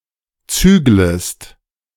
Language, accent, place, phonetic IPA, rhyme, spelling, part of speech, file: German, Germany, Berlin, [ˈt͡syːɡləst], -yːɡləst, züglest, verb, De-züglest.ogg
- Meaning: second-person singular subjunctive I of zügeln